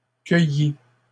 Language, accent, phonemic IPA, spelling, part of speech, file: French, Canada, /kœ.ji/, cueillies, verb, LL-Q150 (fra)-cueillies.wav
- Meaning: feminine plural of cueilli